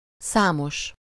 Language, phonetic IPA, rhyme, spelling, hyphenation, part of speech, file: Hungarian, [ˈsaːmoʃ], -oʃ, számos, szá‧mos, adjective, Hu-számos.ogg
- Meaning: 1. with number/numeral 2. numerous, many, a number of, several